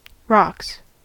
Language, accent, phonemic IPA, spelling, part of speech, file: English, US, /ɹɑks/, rocks, noun / verb, En-us-rocks.ogg
- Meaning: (noun) 1. plural of rock 2. Money 3. Testicles 4. Crack cocaine; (verb) third-person singular simple present indicative of rock